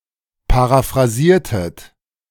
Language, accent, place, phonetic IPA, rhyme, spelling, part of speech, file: German, Germany, Berlin, [paʁafʁaˈziːɐ̯tət], -iːɐ̯tət, paraphrasiertet, verb, De-paraphrasiertet.ogg
- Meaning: inflection of paraphrasieren: 1. second-person plural preterite 2. second-person plural subjunctive II